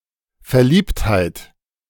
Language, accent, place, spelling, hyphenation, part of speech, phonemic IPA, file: German, Germany, Berlin, Verliebtheit, Ver‧liebt‧heit, noun, /fɛɐ̯ˈliːbthaɪ̯t/, De-Verliebtheit.ogg
- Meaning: amorousness, amorous love